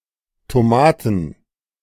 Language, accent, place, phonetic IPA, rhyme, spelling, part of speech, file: German, Germany, Berlin, [toˈmaːtn̩], -aːtn̩, Tomaten, noun, De-Tomaten.ogg
- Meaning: plural of Tomate